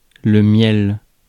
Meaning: honey (sticky sweet substance)
- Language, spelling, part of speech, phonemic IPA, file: French, miel, noun, /mjɛl/, Fr-miel.ogg